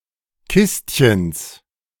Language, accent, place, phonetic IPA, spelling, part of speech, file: German, Germany, Berlin, [ˈkɪstçəns], Kistchens, noun, De-Kistchens.ogg
- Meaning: genitive singular of Kistchen